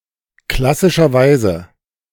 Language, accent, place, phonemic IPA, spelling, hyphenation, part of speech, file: German, Germany, Berlin, /ˈklasɪʃɐˌvaɪ̯zə/, klassischerweise, klas‧si‧scher‧weise, adverb, De-klassischerweise.ogg
- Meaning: classically